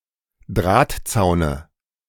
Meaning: dative singular of Drahtzaun
- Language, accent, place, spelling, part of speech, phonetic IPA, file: German, Germany, Berlin, Drahtzaune, noun, [ˈdʁaːtˌt͡saʊ̯nə], De-Drahtzaune.ogg